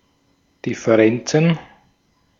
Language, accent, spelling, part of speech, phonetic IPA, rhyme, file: German, Austria, Differenzen, noun, [ˌdɪfəˈʁɛnt͡sn̩], -ɛnt͡sn̩, De-at-Differenzen.ogg
- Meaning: plural of Differenz